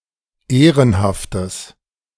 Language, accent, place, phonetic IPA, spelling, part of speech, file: German, Germany, Berlin, [ˈeːʁənhaftəs], ehrenhaftes, adjective, De-ehrenhaftes.ogg
- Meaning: strong/mixed nominative/accusative neuter singular of ehrenhaft